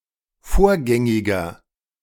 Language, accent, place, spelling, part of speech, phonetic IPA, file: German, Germany, Berlin, vorgängiger, adjective, [ˈfoːɐ̯ˌɡɛŋɪɡɐ], De-vorgängiger.ogg
- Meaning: inflection of vorgängig: 1. strong/mixed nominative masculine singular 2. strong genitive/dative feminine singular 3. strong genitive plural